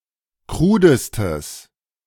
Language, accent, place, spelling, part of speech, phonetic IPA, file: German, Germany, Berlin, krudestes, adjective, [ˈkʁuːdəstəs], De-krudestes.ogg
- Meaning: strong/mixed nominative/accusative neuter singular superlative degree of krud